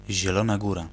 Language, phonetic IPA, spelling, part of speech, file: Polish, [ʑɛˈlɔ̃na ˈɡura], Zielona Góra, proper noun, Pl-Zielona Góra.ogg